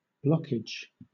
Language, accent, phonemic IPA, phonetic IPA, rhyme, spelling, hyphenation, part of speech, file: English, Southern England, /ˈblɒkɪd͡ʒ/, [ˈblɒkɪd͡ʒ], -ɒkɪdʒ, blockage, block‧age, noun, LL-Q1860 (eng)-blockage.wav
- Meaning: 1. The state or condition of being blocked 2. The thing that is the cause of such a state, blocking a passage